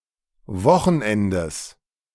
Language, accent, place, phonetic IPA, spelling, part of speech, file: German, Germany, Berlin, [ˈvɔxn̩ˌʔɛndəs], Wochenendes, noun, De-Wochenendes.ogg
- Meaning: genitive singular of Wochenende